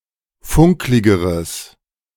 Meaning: strong/mixed nominative/accusative neuter singular comparative degree of funklig
- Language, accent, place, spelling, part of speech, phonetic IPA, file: German, Germany, Berlin, funkligeres, adjective, [ˈfʊŋklɪɡəʁəs], De-funkligeres.ogg